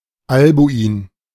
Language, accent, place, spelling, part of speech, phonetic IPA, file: German, Germany, Berlin, Albuin, proper noun, [ˈalbuiːn], De-Albuin.ogg
- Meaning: a male given name, variant of Albwin